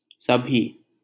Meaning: alternative form of सब ही (sab hī)
- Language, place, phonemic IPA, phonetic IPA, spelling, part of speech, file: Hindi, Delhi, /sə.bʱiː/, [sɐ.bʱiː], सभी, adjective, LL-Q1568 (hin)-सभी.wav